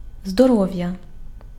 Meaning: health
- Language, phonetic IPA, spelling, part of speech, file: Ukrainian, [zdɔˈrɔʋjɐ], здоров'я, noun, Uk-здоров'я.ogg